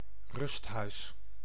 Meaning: retirement home
- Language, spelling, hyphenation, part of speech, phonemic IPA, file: Dutch, rusthuis, rust‧huis, noun, /ˈrʏst.ɦœy̯s/, Nl-rusthuis.ogg